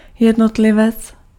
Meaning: individual
- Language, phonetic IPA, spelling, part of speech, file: Czech, [ˈjɛdnotlɪvɛt͡s], jednotlivec, noun, Cs-jednotlivec.ogg